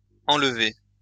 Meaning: past participle of enlever
- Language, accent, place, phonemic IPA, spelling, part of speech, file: French, France, Lyon, /ɑ̃l.ve/, enlevé, verb, LL-Q150 (fra)-enlevé.wav